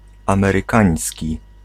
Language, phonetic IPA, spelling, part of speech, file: Polish, [ˌãmɛrɨˈkãj̃sʲci], amerykański, adjective, Pl-amerykański.ogg